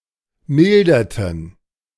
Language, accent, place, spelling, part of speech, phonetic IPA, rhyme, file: German, Germany, Berlin, milderten, verb, [ˈmɪldɐtn̩], -ɪldɐtn̩, De-milderten.ogg
- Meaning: inflection of mildern: 1. first/third-person plural preterite 2. first/third-person plural subjunctive II